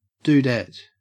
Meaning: 1. A girl or woman, especially a masculine one 2. A cowgirl, especially a tenderfoot 3. A cowboy's wife, or a woman who moves out west with the intention of marrying a cowboy
- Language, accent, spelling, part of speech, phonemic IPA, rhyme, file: English, Australia, dudette, noun, /d(j)uːˈdɛt/, -ɛt, En-au-dudette.ogg